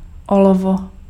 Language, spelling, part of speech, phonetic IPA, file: Czech, olovo, noun, [ˈolovo], Cs-olovo.ogg
- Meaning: lead (chemical element)